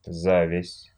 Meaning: ovary (plant)
- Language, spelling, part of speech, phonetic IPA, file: Russian, завязь, noun, [ˈzavʲɪsʲ], Ru-за́вязь.ogg